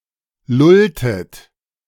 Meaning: inflection of lullen: 1. second-person plural preterite 2. second-person plural subjunctive II
- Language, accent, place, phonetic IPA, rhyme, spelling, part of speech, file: German, Germany, Berlin, [ˈlʊltət], -ʊltət, lulltet, verb, De-lulltet.ogg